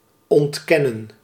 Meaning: to deny (to assert to be false)
- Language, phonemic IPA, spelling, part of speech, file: Dutch, /ˌɔntˈkɛ.nə(n)/, ontkennen, verb, Nl-ontkennen.ogg